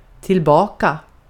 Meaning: back, in return; (to a previous condition or place)
- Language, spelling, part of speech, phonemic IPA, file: Swedish, tillbaka, adverb, /tɪlˈbɑːka/, Sv-tillbaka.ogg